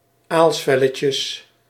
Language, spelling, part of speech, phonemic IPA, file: Dutch, aalsvelletjes, noun, /ˈalsfɛləcəs/, Nl-aalsvelletjes.ogg
- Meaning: plural of aalsvelletje